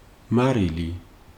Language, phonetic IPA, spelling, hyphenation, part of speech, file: Georgian, [mäɾili], მარილი, მა‧რი‧ლი, noun, Ka-მარილი.ogg
- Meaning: salt